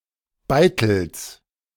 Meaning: genitive singular of Beitel
- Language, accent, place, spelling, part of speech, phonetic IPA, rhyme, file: German, Germany, Berlin, Beitels, noun, [ˈbaɪ̯tl̩s], -aɪ̯tl̩s, De-Beitels.ogg